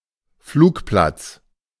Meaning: 1. airfield (place where airplanes can take off and land) 2. airport
- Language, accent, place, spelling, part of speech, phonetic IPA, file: German, Germany, Berlin, Flugplatz, noun, [ˈfluːkˌplat͡s], De-Flugplatz.ogg